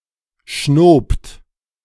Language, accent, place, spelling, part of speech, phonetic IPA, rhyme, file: German, Germany, Berlin, schnobt, verb, [ʃnoːpt], -oːpt, De-schnobt.ogg
- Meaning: second-person plural preterite of schnauben